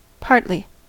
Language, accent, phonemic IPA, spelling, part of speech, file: English, US, /ˈpɑɹtli/, partly, adverb, En-us-partly.ogg
- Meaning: In part, or to some degree, but not completely